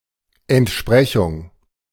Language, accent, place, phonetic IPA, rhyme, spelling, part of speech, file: German, Germany, Berlin, [ɛntˈʃpʁɛçʊŋ], -ɛçʊŋ, Entsprechung, noun, De-Entsprechung.ogg
- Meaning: equivalent